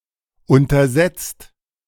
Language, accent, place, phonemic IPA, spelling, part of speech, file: German, Germany, Berlin, /ˌʊntɐˈzɛt͡st/, untersetzt, adjective, De-untersetzt.ogg
- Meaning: stocky, thickset